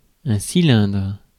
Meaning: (noun) cylinder; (verb) inflection of cylindrer: 1. first/third-person singular present indicative/subjunctive 2. second-person singular imperative
- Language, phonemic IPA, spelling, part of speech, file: French, /si.lɛ̃dʁ/, cylindre, noun / verb, Fr-cylindre.ogg